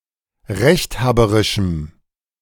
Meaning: strong dative masculine/neuter singular of rechthaberisch
- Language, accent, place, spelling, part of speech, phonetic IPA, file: German, Germany, Berlin, rechthaberischem, adjective, [ˈʁɛçtˌhaːbəʁɪʃm̩], De-rechthaberischem.ogg